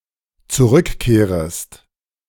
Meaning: second-person singular dependent subjunctive I of zurückkehren
- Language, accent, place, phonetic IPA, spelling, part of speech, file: German, Germany, Berlin, [t͡suˈʁʏkˌkeːʁəst], zurückkehrest, verb, De-zurückkehrest.ogg